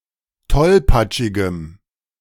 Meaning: strong dative masculine/neuter singular of tollpatschig
- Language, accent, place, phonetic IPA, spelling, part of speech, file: German, Germany, Berlin, [ˈtɔlpat͡ʃɪɡəm], tollpatschigem, adjective, De-tollpatschigem.ogg